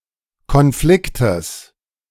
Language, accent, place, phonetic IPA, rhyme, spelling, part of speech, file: German, Germany, Berlin, [kɔnˈflɪktəs], -ɪktəs, Konfliktes, noun, De-Konfliktes.ogg
- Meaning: genitive singular of Konflikt